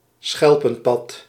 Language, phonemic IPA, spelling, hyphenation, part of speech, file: Dutch, /ˈsxɛl.pə(n)ˌpɑt/, schelpenpad, schel‧pen‧pad, noun, Nl-schelpenpad.ogg
- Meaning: a shell-covered path